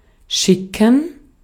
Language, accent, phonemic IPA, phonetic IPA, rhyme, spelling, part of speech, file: German, Austria, /ˈʃɪkən/, [ˈʃɪkŋ̩], -ɪkŋ̩, schicken, verb / adjective, De-at-schicken.ogg
- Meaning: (verb) 1. to send, to dispatch (a person, letter, money etc. to a destination or a person) 2. to hurry 3. to be befitting, to be appropriate 4. to chew tobacco